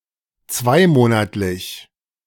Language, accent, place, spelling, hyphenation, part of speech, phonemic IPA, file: German, Germany, Berlin, zweimonatlich, zwei‧mo‧nat‧lich, adjective, /ˈt͡svaɪ̯ˌmoːna(ː)tlɪç/, De-zweimonatlich.ogg
- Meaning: bimonthly (once every two months)